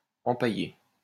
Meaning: to stuff (to preserve a dead animal by filling its skin)
- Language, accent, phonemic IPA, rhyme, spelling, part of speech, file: French, France, /ɑ̃.pa.je/, -e, empailler, verb, LL-Q150 (fra)-empailler.wav